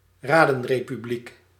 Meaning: soviet republic, communist council republic
- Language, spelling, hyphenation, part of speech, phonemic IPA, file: Dutch, radenrepubliek, ra‧den‧re‧pu‧bliek, noun, /ˈraː.dən.reː.pyˈblik/, Nl-radenrepubliek.ogg